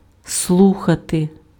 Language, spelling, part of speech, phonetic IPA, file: Ukrainian, слухати, verb, [ˈsɫuxɐte], Uk-слухати.ogg
- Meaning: 1. to listen (to) 2. to pay attention to, to attend to 3. to auscultate